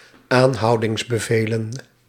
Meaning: plural of aanhoudingsbevel
- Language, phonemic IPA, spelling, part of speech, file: Dutch, /ˈanhɑudɪŋsˌbəvelə(n)/, aanhoudingsbevelen, noun, Nl-aanhoudingsbevelen.ogg